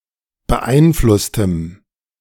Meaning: strong dative masculine/neuter singular of beeinflusst
- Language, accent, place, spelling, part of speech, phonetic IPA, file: German, Germany, Berlin, beeinflusstem, adjective, [bəˈʔaɪ̯nˌflʊstəm], De-beeinflusstem.ogg